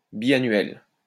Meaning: biennial
- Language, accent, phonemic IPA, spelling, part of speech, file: French, France, /bi.a.nɥɛl/, biannuel, adjective, LL-Q150 (fra)-biannuel.wav